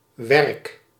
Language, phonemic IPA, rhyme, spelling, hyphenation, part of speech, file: Dutch, /ʋɛrk/, -ɛrk, werk, werk, noun / verb, Nl-werk.ogg
- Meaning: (noun) 1. work, labor 2. profession, job, employment, line of work 3. workplace 4. product, creation; production, output, result of work 5. tow, oakum